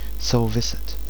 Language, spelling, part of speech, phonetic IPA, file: Czech, souviset, verb, [ˈsou̯vɪsɛt], Cs-souviset.ogg
- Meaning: to be related (to be standing in relation or connection)